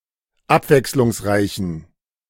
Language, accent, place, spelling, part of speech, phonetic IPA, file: German, Germany, Berlin, abwechslungsreichen, adjective, [ˈapvɛkslʊŋsˌʁaɪ̯çn̩], De-abwechslungsreichen.ogg
- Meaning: inflection of abwechslungsreich: 1. strong genitive masculine/neuter singular 2. weak/mixed genitive/dative all-gender singular 3. strong/weak/mixed accusative masculine singular